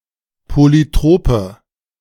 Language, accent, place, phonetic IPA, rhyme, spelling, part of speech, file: German, Germany, Berlin, [ˌpolyˈtʁoːpə], -oːpə, polytrope, adjective, De-polytrope.ogg
- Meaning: inflection of polytrop: 1. strong/mixed nominative/accusative feminine singular 2. strong nominative/accusative plural 3. weak nominative all-gender singular